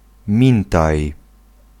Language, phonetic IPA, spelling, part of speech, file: Polish, [ˈmʲĩntaj], mintaj, noun, Pl-mintaj.ogg